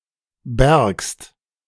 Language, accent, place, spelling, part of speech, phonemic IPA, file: German, Germany, Berlin, bärgst, verb, /bɛɐ̯kst/, De-bärgst.ogg
- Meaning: second-person singular subjunctive II of bergen